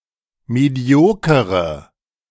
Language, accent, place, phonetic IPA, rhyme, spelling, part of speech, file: German, Germany, Berlin, [ˌmeˈdi̯oːkəʁə], -oːkəʁə, mediokere, adjective, De-mediokere.ogg
- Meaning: inflection of medioker: 1. strong/mixed nominative/accusative feminine singular 2. strong nominative/accusative plural 3. weak nominative all-gender singular